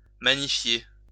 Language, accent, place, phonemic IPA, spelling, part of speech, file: French, France, Lyon, /ma.ɲi.fje/, magnifier, verb, LL-Q150 (fra)-magnifier.wav
- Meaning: to exalt with praise; usually in reference to God